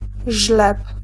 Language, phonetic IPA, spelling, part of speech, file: Polish, [ʒlɛp], żleb, noun, Pl-żleb.ogg